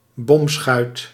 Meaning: flat-bottomed marine fishing boat
- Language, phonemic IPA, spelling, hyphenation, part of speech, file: Dutch, /ˈbɔm.sxœy̯t/, bomschuit, bom‧schuit, noun, Nl-bomschuit.ogg